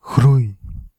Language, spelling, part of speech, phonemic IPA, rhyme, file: Dutch, groei, noun / verb, /ɣrui̯/, -ui̯, Nl-groei.ogg
- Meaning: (noun) growth; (verb) inflection of groeien: 1. first-person singular present indicative 2. second-person singular present indicative 3. imperative